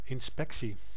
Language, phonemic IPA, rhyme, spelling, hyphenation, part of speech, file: Dutch, /ˌɪnˈspɛk.si/, -ɛksi, inspectie, in‧spec‧tie, noun, Nl-inspectie.ogg
- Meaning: inspection